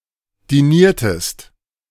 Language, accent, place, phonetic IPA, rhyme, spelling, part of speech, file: German, Germany, Berlin, [diˈniːɐ̯təst], -iːɐ̯təst, diniertest, verb, De-diniertest.ogg
- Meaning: inflection of dinieren: 1. second-person singular preterite 2. second-person singular subjunctive II